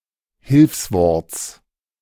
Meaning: genitive singular of Hilfswort
- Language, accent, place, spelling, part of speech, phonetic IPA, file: German, Germany, Berlin, Hilfsworts, noun, [ˈhɪlfsvɔʁt͡s], De-Hilfsworts.ogg